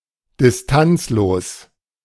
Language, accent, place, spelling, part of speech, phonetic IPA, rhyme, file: German, Germany, Berlin, distanzlos, adjective, [dɪsˈtant͡sloːs], -ant͡sloːs, De-distanzlos.ogg
- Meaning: lacking sufficient social distance